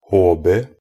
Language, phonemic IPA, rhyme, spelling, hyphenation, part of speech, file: Norwegian Bokmål, /ˈhoːbə/, -oːbə, HB, H‧B, noun, Nb-hb.ogg
- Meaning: initialism of hjemmebrent (“moonshine”)